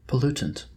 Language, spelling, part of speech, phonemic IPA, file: English, pollutant, noun, /pəˈl(j)utənt/, En-us-pollutant.oga
- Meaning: A foreign substance that makes something dirty, or impure, especially waste from human activities